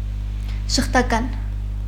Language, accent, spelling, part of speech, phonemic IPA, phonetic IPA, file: Armenian, Eastern Armenian, ժխտական, adjective, /ʒəχtɑˈkɑn/, [ʒəχtɑkɑ́n], Hy-ժխտական.ogg
- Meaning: 1. rejecting, refusing, declining 2. denying, refuting, negating 3. negative